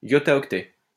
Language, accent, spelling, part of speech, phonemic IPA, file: French, France, yottaoctet, noun, /jɔ.ta.ɔk.tɛ/, LL-Q150 (fra)-yottaoctet.wav
- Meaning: yottabyte